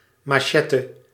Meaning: machete
- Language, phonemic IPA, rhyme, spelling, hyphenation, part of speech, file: Dutch, /ˌmɑˈʃɛ.tə/, -ɛtə, machete, ma‧che‧te, noun, Nl-machete.ogg